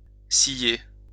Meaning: 1. to blink 2. to bat an eyelash
- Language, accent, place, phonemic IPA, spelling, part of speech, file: French, France, Lyon, /si.je/, ciller, verb, LL-Q150 (fra)-ciller.wav